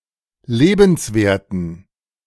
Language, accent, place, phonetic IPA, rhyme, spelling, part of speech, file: German, Germany, Berlin, [ˈleːbn̩sˌveːɐ̯tn̩], -eːbn̩sveːɐ̯tn̩, lebenswerten, adjective, De-lebenswerten.ogg
- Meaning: inflection of lebenswert: 1. strong genitive masculine/neuter singular 2. weak/mixed genitive/dative all-gender singular 3. strong/weak/mixed accusative masculine singular 4. strong dative plural